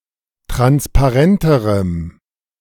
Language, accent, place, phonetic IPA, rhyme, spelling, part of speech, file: German, Germany, Berlin, [ˌtʁanspaˈʁɛntəʁəm], -ɛntəʁəm, transparenterem, adjective, De-transparenterem.ogg
- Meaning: strong dative masculine/neuter singular comparative degree of transparent